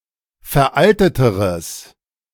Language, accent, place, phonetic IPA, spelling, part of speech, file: German, Germany, Berlin, [fɛɐ̯ˈʔaltətəʁəs], veralteteres, adjective, De-veralteteres.ogg
- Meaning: strong/mixed nominative/accusative neuter singular comparative degree of veraltet